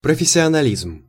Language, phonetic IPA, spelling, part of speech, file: Russian, [prəfʲɪsʲɪənɐˈlʲizm], профессионализм, noun, Ru-профессионализм.ogg
- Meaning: professionalism